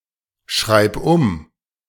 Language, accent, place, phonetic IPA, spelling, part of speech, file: German, Germany, Berlin, [ˈʃʁaɪ̯p ʊm], schreib um, verb, De-schreib um.ogg
- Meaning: singular imperative of umschreiben